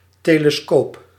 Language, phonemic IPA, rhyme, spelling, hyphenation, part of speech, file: Dutch, /ˌteː.ləˈskoːp/, -oːp, telescoop, te‧le‧scoop, noun, Nl-telescoop.ogg
- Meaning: telescope